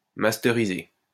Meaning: 1. synonym of matricer 2. to burn (a CD or DVD)
- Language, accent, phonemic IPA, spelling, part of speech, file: French, France, /mas.te.ʁi.ze/, masteriser, verb, LL-Q150 (fra)-masteriser.wav